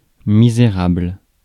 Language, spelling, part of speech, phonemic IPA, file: French, misérable, adjective / noun, /mi.ze.ʁabl/, Fr-misérable.ogg
- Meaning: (adjective) 1. destitute, impoverished 2. seedy, shabby 3. wretched, pitiful 4. feeble, paltry, measly; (noun) wretch, scoundrel